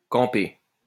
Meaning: past participle of camper
- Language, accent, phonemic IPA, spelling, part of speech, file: French, France, /kɑ̃.pe/, campé, verb, LL-Q150 (fra)-campé.wav